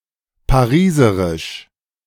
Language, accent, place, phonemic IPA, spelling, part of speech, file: German, Germany, Berlin, /paˈʁiːsəʁɪʃ/, pariserisch, adjective, De-pariserisch.ogg
- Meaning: Parisian